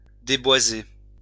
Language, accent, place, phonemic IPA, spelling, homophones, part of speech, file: French, France, Lyon, /de.bwa.ze/, déboiser, déboisai / déboisé / déboisée / déboisées / déboisés / déboisez, verb, LL-Q150 (fra)-déboiser.wav
- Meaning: to deforest